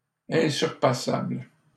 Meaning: unsurpassable
- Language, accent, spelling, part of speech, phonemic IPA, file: French, Canada, insurpassable, adjective, /ɛ̃.syʁ.pa.sabl/, LL-Q150 (fra)-insurpassable.wav